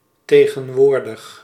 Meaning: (adjective) 1. present (in time), current 2. physically present; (adverb) nowadays, presently
- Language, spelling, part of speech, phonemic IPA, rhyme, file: Dutch, tegenwoordig, adjective / adverb, /ˌteː.ɣə(n)ˈʋoːr.dəx/, -oːrdəx, Nl-tegenwoordig.ogg